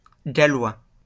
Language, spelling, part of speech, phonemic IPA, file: French, gallois, noun / adjective, /ɡa.lwa/, LL-Q150 (fra)-gallois.wav
- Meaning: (noun) Welsh, the Welsh language; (adjective) Welsh (of, from or relating to Wales)